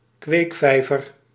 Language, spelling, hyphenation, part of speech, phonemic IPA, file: Dutch, kweekvijver, kweek‧vij‧ver, noun, /ˈkʋeːkˌfɛi̯.vər/, Nl-kweekvijver.ogg
- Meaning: 1. fish nursery, breeding pond 2. breeding-ground, nursery (place where a certain kind of person or thing is raised or formed)